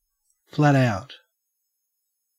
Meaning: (adjective) 1. Used other than figuratively or idiomatically: see flat, out 2. Complete, total, downright 3. Very busy 4. Lazy, sleeping; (adverb) At top speed
- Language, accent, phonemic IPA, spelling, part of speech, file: English, Australia, /ˌflæt ˈaʊt/, flat out, adjective / adverb / noun / verb, En-au-flat out.ogg